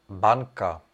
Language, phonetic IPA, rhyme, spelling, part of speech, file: Czech, [ˈbaŋka], -aŋka, banka, noun, Cs-banka.ogg
- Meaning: bank (financial institution)